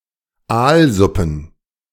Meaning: plural of Aalsuppe
- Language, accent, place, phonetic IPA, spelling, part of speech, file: German, Germany, Berlin, [ˈaːlˌzʊpn̩], Aalsuppen, noun, De-Aalsuppen.ogg